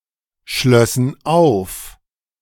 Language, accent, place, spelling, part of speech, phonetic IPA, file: German, Germany, Berlin, schlössen auf, verb, [ˌʃlœsn̩ ˈaʊ̯f], De-schlössen auf.ogg
- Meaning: first/third-person plural subjunctive II of aufschließen